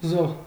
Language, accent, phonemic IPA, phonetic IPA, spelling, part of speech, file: Armenian, Eastern Armenian, /zoh/, [zoh], զոհ, noun, Hy-զոհ.ogg
- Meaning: 1. sacrifice, victim; its meat 2. sacrifice 3. victim